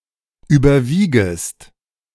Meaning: second-person singular subjunctive I of überwiegen
- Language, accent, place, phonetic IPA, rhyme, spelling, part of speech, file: German, Germany, Berlin, [ˌyːbɐˈviːɡəst], -iːɡəst, überwiegest, verb, De-überwiegest.ogg